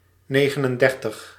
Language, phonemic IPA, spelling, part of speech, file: Dutch, /ˈneː.ɣə.nənˌdɛr.təx/, negenendertig, numeral, Nl-negenendertig.ogg
- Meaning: thirty-nine